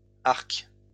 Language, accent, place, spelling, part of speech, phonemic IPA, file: French, France, Lyon, arcs, noun, /aʁk/, LL-Q150 (fra)-arcs.wav
- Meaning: plural of arc